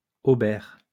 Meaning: hauberk (coat of chainmail)
- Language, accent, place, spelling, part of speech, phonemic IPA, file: French, France, Lyon, haubert, noun, /o.bɛʁ/, LL-Q150 (fra)-haubert.wav